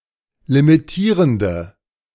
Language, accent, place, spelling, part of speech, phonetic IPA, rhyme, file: German, Germany, Berlin, limitierende, adjective, [limiˈtiːʁəndə], -iːʁəndə, De-limitierende.ogg
- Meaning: inflection of limitierend: 1. strong/mixed nominative/accusative feminine singular 2. strong nominative/accusative plural 3. weak nominative all-gender singular